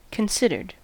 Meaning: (verb) simple past and past participle of consider; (adjective) Having been carefully thought out; maturely reflected upon
- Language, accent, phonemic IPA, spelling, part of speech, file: English, US, /kənˈsɪdɚd/, considered, verb / adjective, En-us-considered.ogg